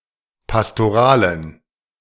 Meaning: inflection of pastoral: 1. strong genitive masculine/neuter singular 2. weak/mixed genitive/dative all-gender singular 3. strong/weak/mixed accusative masculine singular 4. strong dative plural
- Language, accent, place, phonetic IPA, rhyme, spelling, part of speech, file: German, Germany, Berlin, [pastoˈʁaːlən], -aːlən, pastoralen, adjective, De-pastoralen.ogg